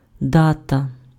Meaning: date (point in time)
- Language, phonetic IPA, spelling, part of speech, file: Ukrainian, [ˈdatɐ], дата, noun, Uk-дата.ogg